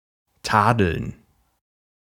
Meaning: to blame, to censure, to rebuke, to reprimand, to express one's disapproval of
- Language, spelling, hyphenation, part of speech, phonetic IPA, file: German, tadeln, ta‧deln, verb, [ˈtaːdl̩n], De-tadeln.ogg